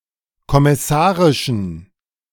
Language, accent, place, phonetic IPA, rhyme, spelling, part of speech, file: German, Germany, Berlin, [kɔmɪˈsaːʁɪʃn̩], -aːʁɪʃn̩, kommissarischen, adjective, De-kommissarischen.ogg
- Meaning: inflection of kommissarisch: 1. strong genitive masculine/neuter singular 2. weak/mixed genitive/dative all-gender singular 3. strong/weak/mixed accusative masculine singular 4. strong dative plural